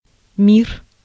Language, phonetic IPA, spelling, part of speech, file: Russian, [mʲir], мир, noun, Ru-мир.ogg
- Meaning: 1. peace 2. universe; world; planet